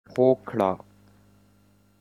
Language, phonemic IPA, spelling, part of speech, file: Pashto, /hoˈkɻa/, هوکړه, noun, Hokrha.wav
- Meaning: consent